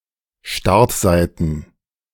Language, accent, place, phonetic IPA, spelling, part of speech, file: German, Germany, Berlin, [ˈʃtaʁtˌzaɪ̯tn̩], Startseiten, noun, De-Startseiten.ogg
- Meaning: plural of Startseite